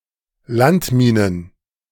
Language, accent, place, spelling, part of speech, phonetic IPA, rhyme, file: German, Germany, Berlin, Landminen, noun, [ˈlantˌmiːnən], -antmiːnən, De-Landminen.ogg
- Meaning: plural of Landmine